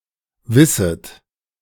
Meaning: second-person plural subjunctive I of wissen
- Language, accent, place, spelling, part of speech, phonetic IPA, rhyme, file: German, Germany, Berlin, wisset, verb, [ˈvɪsət], -ɪsət, De-wisset.ogg